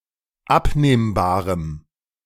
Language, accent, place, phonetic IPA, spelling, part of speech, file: German, Germany, Berlin, [ˈapneːmbaːʁəm], abnehmbarem, adjective, De-abnehmbarem.ogg
- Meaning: strong dative masculine/neuter singular of abnehmbar